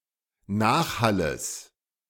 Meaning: genitive singular of Nachhall
- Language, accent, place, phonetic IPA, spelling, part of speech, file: German, Germany, Berlin, [ˈnaːxˌhaləs], Nachhalles, noun, De-Nachhalles.ogg